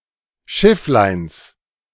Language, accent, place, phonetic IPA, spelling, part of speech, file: German, Germany, Berlin, [ˈʃɪflaɪ̯ns], Schiffleins, noun, De-Schiffleins.ogg
- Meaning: genitive singular of Schifflein